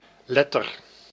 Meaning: 1. letter (letter of the alphabet) 2. letter (written message)
- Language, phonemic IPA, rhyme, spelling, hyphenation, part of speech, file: Dutch, /ˈlɛ.tər/, -ɛtər, letter, let‧ter, noun, Nl-letter.ogg